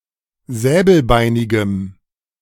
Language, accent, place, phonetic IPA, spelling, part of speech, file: German, Germany, Berlin, [ˈzɛːbl̩ˌbaɪ̯nɪɡəm], säbelbeinigem, adjective, De-säbelbeinigem.ogg
- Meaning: strong dative masculine/neuter singular of säbelbeinig